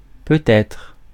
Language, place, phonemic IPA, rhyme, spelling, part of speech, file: French, Paris, /pø.t‿ɛtʁ/, -ɛtʁ, peut-être, adverb, Fr-peut-être.ogg
- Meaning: maybe, perhaps